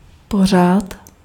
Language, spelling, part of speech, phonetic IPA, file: Czech, pořád, adverb, [ˈpor̝aːt], Cs-pořád.ogg
- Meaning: always, constantly